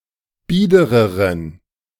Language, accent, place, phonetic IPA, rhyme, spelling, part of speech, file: German, Germany, Berlin, [ˈbiːdəʁəʁən], -iːdəʁəʁən, biedereren, adjective, De-biedereren.ogg
- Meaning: inflection of bieder: 1. strong genitive masculine/neuter singular comparative degree 2. weak/mixed genitive/dative all-gender singular comparative degree